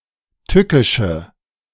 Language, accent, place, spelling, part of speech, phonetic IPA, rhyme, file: German, Germany, Berlin, tückische, adjective, [ˈtʏkɪʃə], -ʏkɪʃə, De-tückische.ogg
- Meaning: inflection of tückisch: 1. strong/mixed nominative/accusative feminine singular 2. strong nominative/accusative plural 3. weak nominative all-gender singular